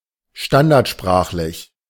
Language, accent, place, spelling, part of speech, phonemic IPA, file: German, Germany, Berlin, standardsprachlich, adjective, /ˈʃtandaʁtˌʃpʁaːχlɪç/, De-standardsprachlich.ogg
- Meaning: standard language